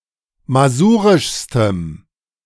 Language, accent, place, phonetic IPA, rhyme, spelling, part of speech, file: German, Germany, Berlin, [maˈzuːʁɪʃstəm], -uːʁɪʃstəm, masurischstem, adjective, De-masurischstem.ogg
- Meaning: strong dative masculine/neuter singular superlative degree of masurisch